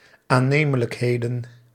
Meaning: plural of aannemelijkheid
- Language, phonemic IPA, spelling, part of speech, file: Dutch, /aˈnemələkˌhedən/, aannemelijkheden, noun, Nl-aannemelijkheden.ogg